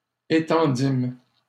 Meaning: first-person plural past historic of étendre
- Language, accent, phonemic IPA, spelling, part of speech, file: French, Canada, /e.tɑ̃.dim/, étendîmes, verb, LL-Q150 (fra)-étendîmes.wav